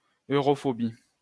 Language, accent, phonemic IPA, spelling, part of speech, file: French, France, /ø.ʁɔ.fɔ.bi/, europhobie, noun, LL-Q150 (fra)-europhobie.wav
- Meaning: Opposition to or skepticism of increasing European integration; Euroscepticism